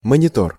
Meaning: 1. monitor, a screen that displays graphics and images 2. hydraulic giant, hydraulic monitor, hydraulic gun
- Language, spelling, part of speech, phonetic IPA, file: Russian, монитор, noun, [mənʲɪˈtor], Ru-монитор.ogg